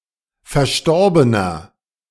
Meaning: inflection of verstorben: 1. strong/mixed nominative masculine singular 2. strong genitive/dative feminine singular 3. strong genitive plural
- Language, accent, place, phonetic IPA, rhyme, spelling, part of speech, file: German, Germany, Berlin, [fɛɐ̯ˈʃtɔʁbənɐ], -ɔʁbənɐ, verstorbener, adjective, De-verstorbener.ogg